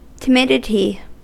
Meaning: The state of being timid; shyness
- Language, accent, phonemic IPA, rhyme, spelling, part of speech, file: English, US, /tɪˈmɪdɪti/, -ɪdɪti, timidity, noun, En-us-timidity.ogg